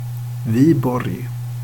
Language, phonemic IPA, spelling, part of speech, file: Swedish, /ˈvǐːbɔrj/, Viborg, proper noun, Sv-Viborg.ogg
- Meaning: 1. Vyborg (a city in Russia) 2. Viborg (a city in Denmark)